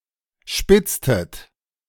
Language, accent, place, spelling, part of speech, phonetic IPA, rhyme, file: German, Germany, Berlin, spitztet, verb, [ˈʃpɪt͡stət], -ɪt͡stət, De-spitztet.ogg
- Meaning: inflection of spitzen: 1. second-person plural preterite 2. second-person plural subjunctive II